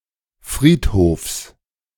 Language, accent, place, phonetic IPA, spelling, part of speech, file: German, Germany, Berlin, [ˈfʁiːtˌhoːfs], Friedhofs, noun, De-Friedhofs.ogg
- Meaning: genitive singular of Friedhof